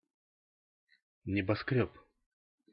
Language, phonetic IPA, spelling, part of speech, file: Russian, [nʲɪbɐˈskrʲɵp], небоскрёб, noun, Ru-небоскрёб.ogg
- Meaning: skyscraper